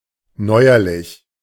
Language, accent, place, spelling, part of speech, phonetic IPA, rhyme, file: German, Germany, Berlin, neuerlich, adjective, [ˈnɔɪ̯ɐlɪç], -ɔɪ̯ɐlɪç, De-neuerlich.ogg
- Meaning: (adjective) 1. further 2. recent; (adverb) 1. again, anew 2. lately, recently